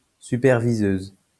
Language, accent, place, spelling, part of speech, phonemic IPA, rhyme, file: French, France, Lyon, superviseuse, noun, /sy.pɛʁ.vi.zøz/, -øz, LL-Q150 (fra)-superviseuse.wav
- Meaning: female equivalent of superviseur